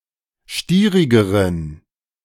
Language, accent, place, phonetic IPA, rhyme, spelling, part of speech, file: German, Germany, Berlin, [ˈʃtiːʁɪɡəʁən], -iːʁɪɡəʁən, stierigeren, adjective, De-stierigeren.ogg
- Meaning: inflection of stierig: 1. strong genitive masculine/neuter singular comparative degree 2. weak/mixed genitive/dative all-gender singular comparative degree